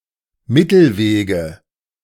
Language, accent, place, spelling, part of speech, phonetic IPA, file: German, Germany, Berlin, Mittelwege, noun, [ˈmɪtl̩ˌveːɡə], De-Mittelwege.ogg
- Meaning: nominative/accusative/genitive plural of Mittelweg